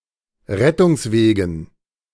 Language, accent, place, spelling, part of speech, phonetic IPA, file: German, Germany, Berlin, Rettungswegen, noun, [ˈʁɛtʊŋsˌveːɡn̩], De-Rettungswegen.ogg
- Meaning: dative plural of Rettungsweg